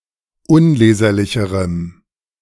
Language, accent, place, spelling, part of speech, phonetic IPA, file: German, Germany, Berlin, unleserlicherem, adjective, [ˈʊnˌleːzɐlɪçəʁəm], De-unleserlicherem.ogg
- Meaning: strong dative masculine/neuter singular comparative degree of unleserlich